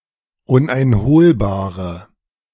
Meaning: inflection of uneinholbar: 1. strong/mixed nominative/accusative feminine singular 2. strong nominative/accusative plural 3. weak nominative all-gender singular
- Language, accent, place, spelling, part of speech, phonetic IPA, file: German, Germany, Berlin, uneinholbare, adjective, [ˌʊnʔaɪ̯nˈhoːlbaːʁə], De-uneinholbare.ogg